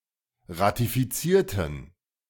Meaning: inflection of ratifizieren: 1. first/third-person plural preterite 2. first/third-person plural subjunctive II
- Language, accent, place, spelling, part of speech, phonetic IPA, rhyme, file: German, Germany, Berlin, ratifizierten, adjective / verb, [ʁatifiˈt͡siːɐ̯tn̩], -iːɐ̯tn̩, De-ratifizierten.ogg